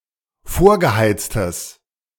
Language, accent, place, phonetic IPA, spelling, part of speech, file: German, Germany, Berlin, [ˈfoːɐ̯ɡəˌhaɪ̯t͡stəs], vorgeheiztes, adjective, De-vorgeheiztes.ogg
- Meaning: strong/mixed nominative/accusative neuter singular of vorgeheizt